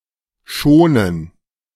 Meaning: gerund of schonen
- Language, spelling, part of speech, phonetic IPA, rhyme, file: German, Schonen, noun, [ˈʃoːnən], -oːnən, De-Schonen.ogg